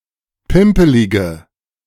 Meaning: inflection of pimpelig: 1. strong/mixed nominative/accusative feminine singular 2. strong nominative/accusative plural 3. weak nominative all-gender singular
- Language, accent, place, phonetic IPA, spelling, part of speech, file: German, Germany, Berlin, [ˈpɪmpəlɪɡə], pimpelige, adjective, De-pimpelige.ogg